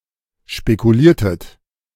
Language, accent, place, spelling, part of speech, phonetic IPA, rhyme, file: German, Germany, Berlin, spekuliertet, verb, [ʃpekuˈliːɐ̯tət], -iːɐ̯tət, De-spekuliertet.ogg
- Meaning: inflection of spekulieren: 1. second-person plural preterite 2. second-person plural subjunctive II